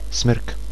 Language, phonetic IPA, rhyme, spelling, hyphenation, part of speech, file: Czech, [ˈsmr̩k], -r̩k, smrk, smrk, noun, Cs-smrk.ogg
- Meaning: spruce